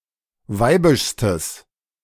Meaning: strong/mixed nominative/accusative neuter singular superlative degree of weibisch
- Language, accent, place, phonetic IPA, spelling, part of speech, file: German, Germany, Berlin, [ˈvaɪ̯bɪʃstəs], weibischstes, adjective, De-weibischstes.ogg